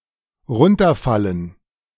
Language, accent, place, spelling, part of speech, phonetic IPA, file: German, Germany, Berlin, runterfallen, verb, [ˈʁʊntɐˌfalən], De-runterfallen.ogg
- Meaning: clipping of herunterfallen